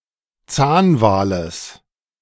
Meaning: genitive singular of Zahnwal
- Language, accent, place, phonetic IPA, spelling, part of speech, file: German, Germany, Berlin, [ˈt͡saːnˌvaːləs], Zahnwales, noun, De-Zahnwales.ogg